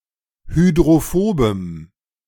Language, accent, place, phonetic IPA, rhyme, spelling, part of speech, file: German, Germany, Berlin, [hydʁoˈfoːbəm], -oːbəm, hydrophobem, adjective, De-hydrophobem.ogg
- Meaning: strong dative masculine/neuter singular of hydrophob